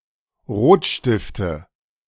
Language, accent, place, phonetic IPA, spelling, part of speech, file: German, Germany, Berlin, [ˈʁoːtˌʃtɪftə], Rotstifte, noun, De-Rotstifte.ogg
- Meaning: nominative/accusative/genitive plural of Rotstift